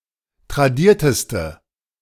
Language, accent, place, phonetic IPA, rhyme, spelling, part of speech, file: German, Germany, Berlin, [tʁaˈdiːɐ̯təstə], -iːɐ̯təstə, tradierteste, adjective, De-tradierteste.ogg
- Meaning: inflection of tradiert: 1. strong/mixed nominative/accusative feminine singular superlative degree 2. strong nominative/accusative plural superlative degree